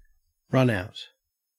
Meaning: Something that has been run out
- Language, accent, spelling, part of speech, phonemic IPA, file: English, Australia, runout, noun, /ˈɹʌnaʊt/, En-au-runout.ogg